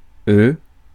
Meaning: disjunctive form of ils; them
- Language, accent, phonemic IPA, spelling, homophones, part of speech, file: French, France, /ø/, eux, euh / œufs, pronoun, Fr-eux.ogg